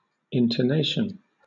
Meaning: 1. The rise and fall of the voice in speaking 2. Emotive stress used to increase the power of delivery in speech 3. A sound made by, or resembling that made by, a musical instrument
- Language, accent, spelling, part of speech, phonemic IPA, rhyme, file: English, Southern England, intonation, noun, /ɪntəˈneɪʃən/, -eɪʃən, LL-Q1860 (eng)-intonation.wav